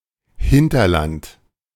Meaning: hinterland: 1. areas surrounding and serving an economic centre, especially when located away from the main direction of travel and commerce 2. remote areas, backwater
- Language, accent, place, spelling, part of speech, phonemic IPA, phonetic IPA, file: German, Germany, Berlin, Hinterland, noun, /ˈhɪntərˌlant/, [ˈhɪn.tɐˌlant], De-Hinterland.ogg